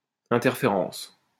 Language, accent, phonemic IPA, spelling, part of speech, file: French, France, /ɛ̃.tɛʁ.fe.ʁɑ̃s/, interférence, noun, LL-Q150 (fra)-interférence.wav
- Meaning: interference